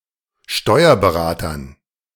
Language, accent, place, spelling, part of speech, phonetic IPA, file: German, Germany, Berlin, Steuerberatern, noun, [ˈʃtɔɪ̯ɐbəˌʁaːtɐn], De-Steuerberatern.ogg
- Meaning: dative plural of Steuerberater